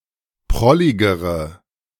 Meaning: inflection of prollig: 1. strong/mixed nominative/accusative feminine singular comparative degree 2. strong nominative/accusative plural comparative degree
- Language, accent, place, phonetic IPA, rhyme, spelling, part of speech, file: German, Germany, Berlin, [ˈpʁɔlɪɡəʁə], -ɔlɪɡəʁə, prolligere, adjective, De-prolligere.ogg